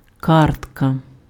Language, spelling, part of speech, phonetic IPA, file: Ukrainian, картка, noun, [ˈkartkɐ], Uk-картка.ogg
- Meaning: card